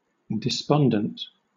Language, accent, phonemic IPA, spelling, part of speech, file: English, Southern England, /dɪˈspɒndənt/, despondent, adjective, LL-Q1860 (eng)-despondent.wav
- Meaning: In low spirits from loss of hope or courage